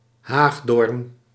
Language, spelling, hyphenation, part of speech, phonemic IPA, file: Dutch, haagdoorn, haag‧doorn, noun, /ˈɦaːx.doːrn/, Nl-haagdoorn.ogg
- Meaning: synonym of meidoorn (“plant of species Crataegus, including hawthorn and mayblossom”)